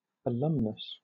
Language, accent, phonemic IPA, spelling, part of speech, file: English, Southern England, /əˈlʌmnəs/, alumnus, noun, LL-Q1860 (eng)-alumnus.wav
- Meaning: 1. A male pupil or student 2. A male graduate 3. A student of any gender 4. A graduate of any gender